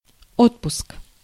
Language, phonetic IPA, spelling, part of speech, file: Russian, [ˈotpʊsk], отпуск, noun, Ru-отпуск.ogg
- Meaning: 1. leave, vacation, holiday, furlough 2. release, issue, delivery, distribution (of goods to a customer or client) 3. tempering 4. a prayer of absolution